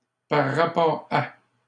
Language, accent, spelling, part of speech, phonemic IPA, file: French, Canada, par rapport à, preposition, /paʁ ʁa.pɔʁ a/, LL-Q150 (fra)-par rapport à.wav
- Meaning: 1. in relation to 2. compared to 3. because of